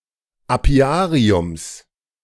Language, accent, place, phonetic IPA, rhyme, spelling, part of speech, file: German, Germany, Berlin, [aˈpi̯aːʁiʊms], -aːʁiʊms, Apiariums, noun, De-Apiariums.ogg
- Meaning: genitive singular of Apiarium